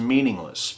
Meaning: 1. Lacking meaning 2. Insignificant; not worthy of importance
- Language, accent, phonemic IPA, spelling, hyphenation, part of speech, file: English, US, /ˈmiː.nɪŋ.ləs/, meaningless, mean‧ing‧less, adjective, En-us-meaningless.ogg